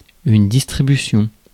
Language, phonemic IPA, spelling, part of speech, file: French, /dis.tʁi.by.sjɔ̃/, distribution, noun, Fr-distribution.ogg
- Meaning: 1. delivery 2. distribution (process by which goods get to final consumers over a geographical market) 3. allocation, casting 4. distribution (physical arrangement, spacing)